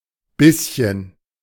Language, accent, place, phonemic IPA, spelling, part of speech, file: German, Germany, Berlin, /ˈbɪsçən/, Bisschen, noun, De-Bisschen.ogg
- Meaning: diminutive of Biss (“bite”): a bit (small amount)